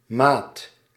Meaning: 1. measure, size 2. measure, bar 3. rhythm, beat 4. mate, buddy 5. colleague, shipmate etc 6. low sailor rank 7. partner (in a business venture)
- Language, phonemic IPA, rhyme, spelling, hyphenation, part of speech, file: Dutch, /maːt/, -aːt, maat, maat, noun, Nl-maat.ogg